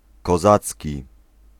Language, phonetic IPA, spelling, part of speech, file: Polish, [kɔˈzat͡sʲci], kozacki, adjective, Pl-kozacki.ogg